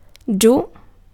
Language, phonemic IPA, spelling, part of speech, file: Italian, /ˈd͡ʒu/, giù, adverb, It-giù.ogg